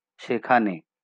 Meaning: there
- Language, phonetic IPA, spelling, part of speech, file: Bengali, [ˈʃe.kʰa.ne], সেখানে, adverb, LL-Q9610 (ben)-সেখানে.wav